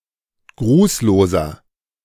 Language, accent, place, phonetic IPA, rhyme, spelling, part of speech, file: German, Germany, Berlin, [ˈɡʁuːsloːzɐ], -uːsloːzɐ, grußloser, adjective, De-grußloser.ogg
- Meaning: inflection of grußlos: 1. strong/mixed nominative masculine singular 2. strong genitive/dative feminine singular 3. strong genitive plural